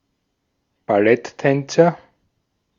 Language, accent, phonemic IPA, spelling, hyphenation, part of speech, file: German, Austria, /baˈlɛtˌtɛnt͡sɐ/, Balletttänzer, Bal‧lett‧tän‧zer, noun, De-at-Balletttänzer.ogg
- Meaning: ballet dancer